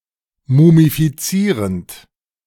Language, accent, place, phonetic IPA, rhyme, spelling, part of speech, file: German, Germany, Berlin, [mumifiˈt͡siːʁənt], -iːʁənt, mumifizierend, verb, De-mumifizierend.ogg
- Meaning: present participle of mumifizieren